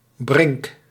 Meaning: 1. village green, functioning as a central square 2. edge or margin of a field 3. edge or margin of a hill 4. grassy edge or margin of a strip of land 5. grassland
- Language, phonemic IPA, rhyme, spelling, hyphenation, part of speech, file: Dutch, /brɪŋk/, -ɪŋk, brink, brink, noun, Nl-brink.ogg